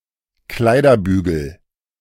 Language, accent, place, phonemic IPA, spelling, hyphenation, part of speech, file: German, Germany, Berlin, /ˈklaɪ̯dɐˌbyːɡl̩/, Kleiderbügel, Klei‧der‧bü‧gel, noun, De-Kleiderbügel.ogg
- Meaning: coat hanger